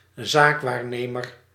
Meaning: trustee, fiduciary, agent
- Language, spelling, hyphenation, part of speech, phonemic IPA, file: Dutch, zaakwaarnemer, zaak‧waar‧ne‧mer, noun, /ˈzaːkˌʋaːr.neː.mər/, Nl-zaakwaarnemer.ogg